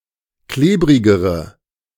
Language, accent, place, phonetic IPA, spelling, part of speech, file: German, Germany, Berlin, [ˈkleːbʁɪɡəʁə], klebrigere, adjective, De-klebrigere.ogg
- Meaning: inflection of klebrig: 1. strong/mixed nominative/accusative feminine singular comparative degree 2. strong nominative/accusative plural comparative degree